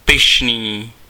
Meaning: 1. proud, haughty, lofty, swaggering 2. proud
- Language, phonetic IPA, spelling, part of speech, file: Czech, [ˈpɪʃniː], pyšný, adjective, Cs-pyšný.ogg